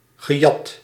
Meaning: past participle of jatten
- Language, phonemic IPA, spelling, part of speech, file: Dutch, /ɣəˈjɑt/, gejat, verb, Nl-gejat.ogg